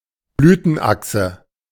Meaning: receptacle, receptaculum
- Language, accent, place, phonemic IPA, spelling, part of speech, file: German, Germany, Berlin, /ˈblyːtənˈʔaksə/, Blütenachse, noun, De-Blütenachse.ogg